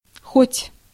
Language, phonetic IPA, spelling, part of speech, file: Russian, [xotʲ], хоть, conjunction / particle, Ru-хоть.ogg
- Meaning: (conjunction) 1. although 2. even if; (particle) 1. at least, if only 2. for example, even, you may, might as well